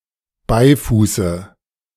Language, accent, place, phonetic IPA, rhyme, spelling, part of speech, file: German, Germany, Berlin, [ˈbaɪ̯fuːsə], -aɪ̯fuːsə, Beifuße, noun, De-Beifuße.ogg
- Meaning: dative of Beifuß